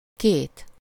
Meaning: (numeral) two (only as counter before nouns); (noun) doubt (only with possessive suffixes)
- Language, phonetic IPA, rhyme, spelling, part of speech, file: Hungarian, [ˈkeːt], -eːt, két, numeral / noun, Hu-két.ogg